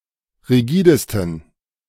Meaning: 1. superlative degree of rigide 2. inflection of rigide: strong genitive masculine/neuter singular superlative degree
- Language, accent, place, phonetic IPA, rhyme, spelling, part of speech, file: German, Germany, Berlin, [ʁiˈɡiːdəstn̩], -iːdəstn̩, rigidesten, adjective, De-rigidesten.ogg